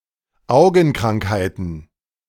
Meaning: plural of Augenkrankheit
- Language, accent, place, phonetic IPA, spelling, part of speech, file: German, Germany, Berlin, [ˈaʊ̯ɡn̩ˌkʁaŋkhaɪ̯tn̩], Augenkrankheiten, noun, De-Augenkrankheiten.ogg